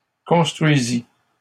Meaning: first/second-person singular past historic of construire
- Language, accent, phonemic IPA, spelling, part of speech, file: French, Canada, /kɔ̃s.tʁɥi.zi/, construisis, verb, LL-Q150 (fra)-construisis.wav